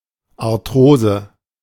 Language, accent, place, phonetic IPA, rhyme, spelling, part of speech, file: German, Germany, Berlin, [aʁˈtʁoːzə], -oːzə, Arthrose, noun, De-Arthrose.ogg
- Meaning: arthrosis